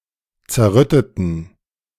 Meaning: inflection of zerrütten: 1. first/third-person plural preterite 2. first/third-person plural subjunctive II
- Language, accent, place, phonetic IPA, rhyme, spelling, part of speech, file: German, Germany, Berlin, [t͡sɛɐ̯ˈʁʏtətn̩], -ʏtətn̩, zerrütteten, adjective, De-zerrütteten.ogg